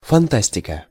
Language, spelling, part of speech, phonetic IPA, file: Russian, фантастика, noun, [fɐnˈtasʲtʲɪkə], Ru-фантастика.ogg
- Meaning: 1. fantasy, fabulousness 2. fantasy